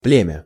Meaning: 1. tribe 2. race 3. family, brood 4. generation 5. breed
- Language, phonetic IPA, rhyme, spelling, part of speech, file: Russian, [ˈplʲemʲə], -emʲə, племя, noun, Ru-племя.ogg